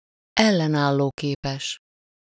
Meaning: resilient, resistant (able to offer resistance or to withstand adverse events or impacts)
- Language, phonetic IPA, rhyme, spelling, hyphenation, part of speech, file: Hungarian, [ˈɛlːɛnaːlːoːkeːpɛʃ], -ɛʃ, ellenállóképes, el‧len‧ál‧ló‧ké‧pes, adjective, Hu-ellenállóképes.ogg